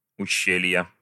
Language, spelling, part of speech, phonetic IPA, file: Russian, ущелья, noun, [ʊˈɕːelʲjə], Ru-ущелья.ogg
- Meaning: inflection of уще́лье (uščélʹje): 1. genitive singular 2. nominative/accusative plural